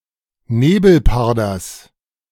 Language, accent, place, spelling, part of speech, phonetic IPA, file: German, Germany, Berlin, Nebelparders, noun, [ˈneːbl̩ˌpaʁdɐs], De-Nebelparders.ogg
- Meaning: genitive singular of Nebelparder